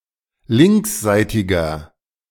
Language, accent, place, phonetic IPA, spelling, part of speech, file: German, Germany, Berlin, [ˈlɪŋksˌzaɪ̯tɪɡɐ], linksseitiger, adjective, De-linksseitiger.ogg
- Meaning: inflection of linksseitig: 1. strong/mixed nominative masculine singular 2. strong genitive/dative feminine singular 3. strong genitive plural